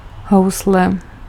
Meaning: violin
- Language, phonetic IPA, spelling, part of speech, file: Czech, [ˈɦou̯slɛ], housle, noun, Cs-housle.ogg